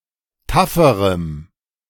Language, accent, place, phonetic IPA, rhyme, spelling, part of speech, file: German, Germany, Berlin, [ˈtafəʁəm], -afəʁəm, tafferem, adjective, De-tafferem.ogg
- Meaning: strong dative masculine/neuter singular comparative degree of taff